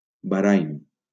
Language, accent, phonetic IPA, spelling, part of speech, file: Catalan, Valencia, [baˈɾajn], Bahrain, proper noun, LL-Q7026 (cat)-Bahrain.wav
- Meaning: Bahrain (an archipelago, island, and country in West Asia in the Persian Gulf)